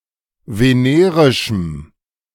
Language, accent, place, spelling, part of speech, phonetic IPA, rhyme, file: German, Germany, Berlin, venerischem, adjective, [veˈneːʁɪʃm̩], -eːʁɪʃm̩, De-venerischem.ogg
- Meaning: strong dative masculine/neuter singular of venerisch